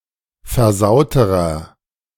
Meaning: inflection of versaut: 1. strong/mixed nominative masculine singular comparative degree 2. strong genitive/dative feminine singular comparative degree 3. strong genitive plural comparative degree
- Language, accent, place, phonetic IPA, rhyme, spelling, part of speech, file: German, Germany, Berlin, [fɛɐ̯ˈzaʊ̯təʁɐ], -aʊ̯təʁɐ, versauterer, adjective, De-versauterer.ogg